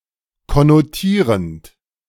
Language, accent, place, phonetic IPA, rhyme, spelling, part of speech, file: German, Germany, Berlin, [kɔnoˈtiːʁənt], -iːʁənt, konnotierend, verb, De-konnotierend.ogg
- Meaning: present participle of konnotieren